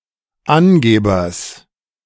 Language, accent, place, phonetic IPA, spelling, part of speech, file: German, Germany, Berlin, [ˈanˌɡeːbɐs], Angebers, noun, De-Angebers.ogg
- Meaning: genitive singular of Angeber